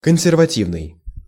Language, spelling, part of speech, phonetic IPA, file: Russian, консервативный, adjective, [kən⁽ʲ⁾sʲɪrvɐˈtʲivnɨj], Ru-консервативный.ogg
- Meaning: 1. conservative 2. nonsurgical